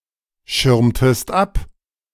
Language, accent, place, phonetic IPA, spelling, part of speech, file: German, Germany, Berlin, [ˌʃɪʁmtəst ˈap], schirmtest ab, verb, De-schirmtest ab.ogg
- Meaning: inflection of abschirmen: 1. second-person singular preterite 2. second-person singular subjunctive II